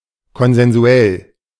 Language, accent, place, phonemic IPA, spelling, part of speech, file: German, Germany, Berlin, /kɔnzɛnˈzu̯ɛl/, konsensuell, adjective, De-konsensuell.ogg
- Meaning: alternative form of konsensual